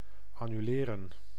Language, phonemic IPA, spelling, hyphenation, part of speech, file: Dutch, /ɑnyˈleːrə(n)/, annuleren, an‧nu‧le‧ren, verb, Nl-annuleren.ogg
- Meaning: 1. to cancel 2. to annul